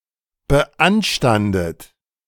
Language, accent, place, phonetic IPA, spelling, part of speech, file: German, Germany, Berlin, [bəˈʔanʃtandət], beanstandet, verb, De-beanstandet.ogg
- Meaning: past participle of beanstanden